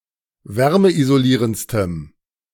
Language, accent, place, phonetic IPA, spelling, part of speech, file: German, Germany, Berlin, [ˈvɛʁməʔizoˌliːʁənt͡stəm], wärmeisolierendstem, adjective, De-wärmeisolierendstem.ogg
- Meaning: strong dative masculine/neuter singular superlative degree of wärmeisolierend